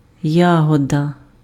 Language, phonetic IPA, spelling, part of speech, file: Ukrainian, [ˈjaɦɔdɐ], ягода, noun, Uk-ягода.ogg
- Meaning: berry (a small fruit)